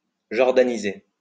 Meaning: to Jordanize
- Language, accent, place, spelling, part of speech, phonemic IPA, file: French, France, Lyon, jordaniser, verb, /ʒɔʁ.da.ni.ze/, LL-Q150 (fra)-jordaniser.wav